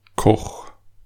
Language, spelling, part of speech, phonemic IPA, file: German, Koch, noun / proper noun, /kɔx/, De-Koch.ogg
- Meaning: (noun) cook (one who cooks; male or unspecified gender); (proper noun) a surname originating as an occupation; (noun) mush, porridge